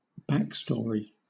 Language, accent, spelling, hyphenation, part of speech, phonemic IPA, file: English, Southern England, backstory, back‧story, noun, /ˈbækˌstɔːɹi/, LL-Q1860 (eng)-backstory.wav
- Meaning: The previous experiences and life of a person, specifically (narratology, especially in film, television) a character in a dramatic work